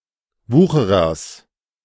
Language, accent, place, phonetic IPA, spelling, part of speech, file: German, Germany, Berlin, [ˈvuːxəʁɐs], Wucherers, noun, De-Wucherers.ogg
- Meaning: genitive singular of Wucherer